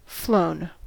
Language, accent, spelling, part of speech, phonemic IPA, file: English, US, flown, verb / adjective, /ˈfloʊn/, En-us-flown.ogg
- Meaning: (verb) past participle of fly; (adjective) Suspended in the flies; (verb) past participle of flow